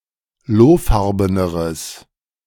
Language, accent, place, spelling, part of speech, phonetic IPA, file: German, Germany, Berlin, lohfarbeneres, adjective, [ˈloːˌfaʁbənəʁəs], De-lohfarbeneres.ogg
- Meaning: strong/mixed nominative/accusative neuter singular comparative degree of lohfarben